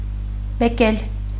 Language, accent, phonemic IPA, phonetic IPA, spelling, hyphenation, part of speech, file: Armenian, Eastern Armenian, /beˈkel/, [bekél], բեկել, բե‧կել, verb, Hy-բեկել.ogg
- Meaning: 1. to break 2. to refract